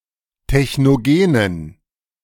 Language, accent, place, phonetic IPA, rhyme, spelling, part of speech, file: German, Germany, Berlin, [tɛçnoˈɡeːnən], -eːnən, technogenen, adjective, De-technogenen.ogg
- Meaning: inflection of technogen: 1. strong genitive masculine/neuter singular 2. weak/mixed genitive/dative all-gender singular 3. strong/weak/mixed accusative masculine singular 4. strong dative plural